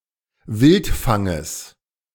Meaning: genitive singular of Wildfang
- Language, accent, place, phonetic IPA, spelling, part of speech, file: German, Germany, Berlin, [ˈvɪltˌfaŋəs], Wildfanges, noun, De-Wildfanges.ogg